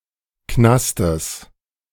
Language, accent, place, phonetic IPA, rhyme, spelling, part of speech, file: German, Germany, Berlin, [ˈknastəs], -astəs, Knastes, noun, De-Knastes.ogg
- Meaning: genitive singular of Knast